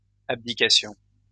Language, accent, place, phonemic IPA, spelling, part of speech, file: French, France, Lyon, /ab.di.ka.sjɔ̃/, abdications, noun, LL-Q150 (fra)-abdications.wav
- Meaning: plural of abdication